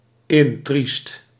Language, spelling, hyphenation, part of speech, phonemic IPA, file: Dutch, intriest, in‧triest, adjective, /ˈɪn.trist/, Nl-intriest.ogg
- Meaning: extremely sad